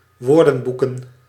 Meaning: plural of woordenboek
- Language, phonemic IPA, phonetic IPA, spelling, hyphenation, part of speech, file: Dutch, /ˈʋoːrdə(n)ˌbukə(n)/, [ˈʋʊːrdə(m)ˌbukə(n)], woordenboeken, woor‧den‧boe‧ken, noun, Nl-woordenboeken.ogg